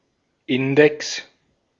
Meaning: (noun) index
- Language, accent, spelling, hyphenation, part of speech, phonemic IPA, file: German, Austria, Index, In‧dex, noun / proper noun, /ˈɪndɛks/, De-at-Index.ogg